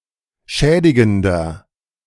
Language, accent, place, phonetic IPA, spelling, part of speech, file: German, Germany, Berlin, [ˈʃɛːdɪɡn̩dɐ], schädigender, adjective, De-schädigender.ogg
- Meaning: inflection of schädigend: 1. strong/mixed nominative masculine singular 2. strong genitive/dative feminine singular 3. strong genitive plural